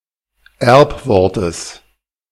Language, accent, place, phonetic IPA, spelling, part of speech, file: German, Germany, Berlin, [ˈɛʁpˌvɔʁtəs], Erbwortes, noun, De-Erbwortes.ogg
- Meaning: genitive singular of Erbwort